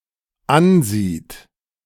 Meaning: third-person singular dependent present of ansehen
- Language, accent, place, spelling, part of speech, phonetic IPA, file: German, Germany, Berlin, ansieht, verb, [ˈanˌziːt], De-ansieht.ogg